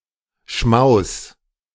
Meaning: feast of food
- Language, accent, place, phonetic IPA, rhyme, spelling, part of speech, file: German, Germany, Berlin, [ʃmaʊ̯s], -aʊ̯s, Schmaus, noun, De-Schmaus.ogg